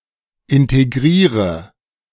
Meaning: inflection of integrieren: 1. first-person singular present 2. singular imperative 3. first/third-person singular subjunctive I
- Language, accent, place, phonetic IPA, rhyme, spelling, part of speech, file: German, Germany, Berlin, [ˌɪnteˈɡʁiːʁə], -iːʁə, integriere, verb, De-integriere.ogg